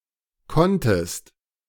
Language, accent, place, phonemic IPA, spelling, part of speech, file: German, Germany, Berlin, /ˈkɔntəst/, konntest, verb, De-konntest.ogg
- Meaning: second-person singular preterite of können